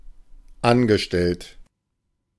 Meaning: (verb) past participle of anstellen; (adjective) employed, hired
- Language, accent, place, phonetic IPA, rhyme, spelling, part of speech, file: German, Germany, Berlin, [ˈanɡəˌʃtɛlt], -anɡəʃtɛlt, angestellt, adjective / verb, De-angestellt.ogg